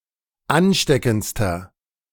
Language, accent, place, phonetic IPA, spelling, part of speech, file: German, Germany, Berlin, [ˈanˌʃtɛkn̩t͡stɐ], ansteckendster, adjective, De-ansteckendster.ogg
- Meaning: inflection of ansteckend: 1. strong/mixed nominative masculine singular superlative degree 2. strong genitive/dative feminine singular superlative degree 3. strong genitive plural superlative degree